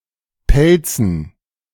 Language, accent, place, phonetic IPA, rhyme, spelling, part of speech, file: German, Germany, Berlin, [ˈpɛlt͡sn̩], -ɛlt͡sn̩, Pelzen, noun, De-Pelzen.ogg
- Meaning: dative plural of Pelz